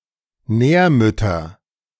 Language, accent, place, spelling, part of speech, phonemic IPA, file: German, Germany, Berlin, Nährmüttern, noun, /ˈnɛːɐ̯ˌmʏtɐn/, De-Nährmüttern.ogg
- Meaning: dative plural of Nährmutter